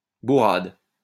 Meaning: thump, clobbering (aggressive hit)
- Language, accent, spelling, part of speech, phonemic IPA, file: French, France, bourrade, noun, /bu.ʁad/, LL-Q150 (fra)-bourrade.wav